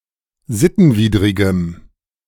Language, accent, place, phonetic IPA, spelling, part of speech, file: German, Germany, Berlin, [ˈzɪtn̩ˌviːdʁɪɡəm], sittenwidrigem, adjective, De-sittenwidrigem.ogg
- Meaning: strong dative masculine/neuter singular of sittenwidrig